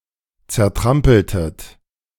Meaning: inflection of zertrampeln: 1. second-person plural preterite 2. second-person plural subjunctive II
- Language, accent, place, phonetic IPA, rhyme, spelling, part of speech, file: German, Germany, Berlin, [t͡sɛɐ̯ˈtʁampl̩tət], -ampl̩tət, zertrampeltet, verb, De-zertrampeltet.ogg